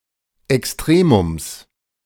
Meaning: genitive singular of Extremum
- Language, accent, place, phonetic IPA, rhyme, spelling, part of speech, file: German, Germany, Berlin, [ɛksˈtʁeːmʊms], -eːmʊms, Extremums, noun, De-Extremums.ogg